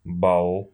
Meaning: 1. point 2. mark, grade, score 3. a ball used in the process of voting
- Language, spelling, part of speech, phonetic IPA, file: Russian, балл, noun, [baɫ], Ru-балл.ogg